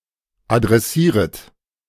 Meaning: second-person plural subjunctive I of adressieren
- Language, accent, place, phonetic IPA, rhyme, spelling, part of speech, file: German, Germany, Berlin, [adʁɛˈsiːʁət], -iːʁət, adressieret, verb, De-adressieret.ogg